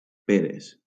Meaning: plural of pera
- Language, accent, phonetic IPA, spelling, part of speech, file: Catalan, Valencia, [ˈpe.ɾes], peres, noun, LL-Q7026 (cat)-peres.wav